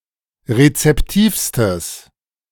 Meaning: strong/mixed nominative/accusative neuter singular superlative degree of rezeptiv
- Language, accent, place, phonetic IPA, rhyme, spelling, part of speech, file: German, Germany, Berlin, [ʁet͡sɛpˈtiːfstəs], -iːfstəs, rezeptivstes, adjective, De-rezeptivstes.ogg